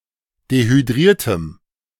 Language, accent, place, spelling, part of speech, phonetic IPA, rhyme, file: German, Germany, Berlin, dehydriertem, adjective, [dehyˈdʁiːɐ̯təm], -iːɐ̯təm, De-dehydriertem.ogg
- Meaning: strong dative masculine/neuter singular of dehydriert